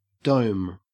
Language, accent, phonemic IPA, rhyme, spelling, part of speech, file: English, Australia, /dəʊm/, -əʊm, dome, noun / verb, En-au-dome.ogg
- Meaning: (noun) 1. A structural element resembling the hollow upper half of a sphere 2. Anything shaped like an upset bowl, often used as a cover 3. A person's head 4. head, oral sex